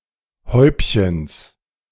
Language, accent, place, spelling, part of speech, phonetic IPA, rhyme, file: German, Germany, Berlin, Häubchens, noun, [ˈhɔɪ̯pçəns], -ɔɪ̯pçəns, De-Häubchens.ogg
- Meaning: genitive singular of Häubchen